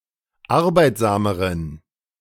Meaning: inflection of arbeitsam: 1. strong genitive masculine/neuter singular comparative degree 2. weak/mixed genitive/dative all-gender singular comparative degree
- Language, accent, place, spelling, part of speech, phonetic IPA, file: German, Germany, Berlin, arbeitsameren, adjective, [ˈaʁbaɪ̯tzaːməʁən], De-arbeitsameren.ogg